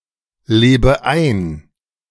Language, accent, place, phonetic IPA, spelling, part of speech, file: German, Germany, Berlin, [ˌleːbə ˈaɪ̯n], lebe ein, verb, De-lebe ein.ogg
- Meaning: inflection of einleben: 1. first-person singular present 2. first/third-person singular subjunctive I 3. singular imperative